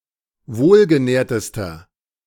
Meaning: inflection of wohlgenährt: 1. strong/mixed nominative masculine singular superlative degree 2. strong genitive/dative feminine singular superlative degree 3. strong genitive plural superlative degree
- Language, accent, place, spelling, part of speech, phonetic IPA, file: German, Germany, Berlin, wohlgenährtester, adjective, [ˈvoːlɡəˌnɛːɐ̯təstɐ], De-wohlgenährtester.ogg